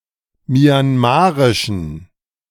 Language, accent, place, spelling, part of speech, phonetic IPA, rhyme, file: German, Germany, Berlin, myanmarischen, adjective, [mjanˈmaːʁɪʃn̩], -aːʁɪʃn̩, De-myanmarischen.ogg
- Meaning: inflection of myanmarisch: 1. strong genitive masculine/neuter singular 2. weak/mixed genitive/dative all-gender singular 3. strong/weak/mixed accusative masculine singular 4. strong dative plural